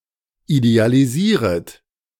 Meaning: second-person plural subjunctive I of idealisieren
- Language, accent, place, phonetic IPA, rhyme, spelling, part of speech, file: German, Germany, Berlin, [idealiˈziːʁət], -iːʁət, idealisieret, verb, De-idealisieret.ogg